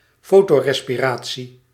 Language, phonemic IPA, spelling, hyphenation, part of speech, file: Dutch, /ˈfoː.toː.rɛ.spɪˌraː.tsi/, fotorespiratie, fo‧to‧res‧pi‧ra‧tie, noun, Nl-fotorespiratie.ogg
- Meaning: photorespiration